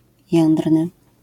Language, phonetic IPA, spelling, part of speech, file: Polish, [ˈjɛ̃ndrnɨ], jędrny, adjective, LL-Q809 (pol)-jędrny.wav